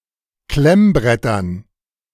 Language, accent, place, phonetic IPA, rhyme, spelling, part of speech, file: German, Germany, Berlin, [ˈklɛmˌbʁɛtɐn], -ɛmbʁɛtɐn, Klemmbrettern, noun, De-Klemmbrettern.ogg
- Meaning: dative plural of Klemmbrett